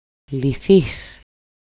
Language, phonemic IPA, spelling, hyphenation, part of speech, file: Greek, /liˈθis/, λυθείς, λυ‧θείς, verb, El-λυθείς.ogg
- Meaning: second-person singular dependent passive of λύνω (lýno)